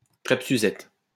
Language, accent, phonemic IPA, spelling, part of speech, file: French, France, /kʁɛp sy.zɛt/, crêpe Suzette, noun, LL-Q150 (fra)-crêpe Suzette.wav
- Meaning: crêpe Suzette